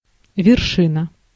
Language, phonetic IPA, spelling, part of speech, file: Russian, [vʲɪrˈʂɨnə], вершина, noun, Ru-вершина.ogg
- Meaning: 1. peak, top, summit 2. acme, culmination 3. vertex, apex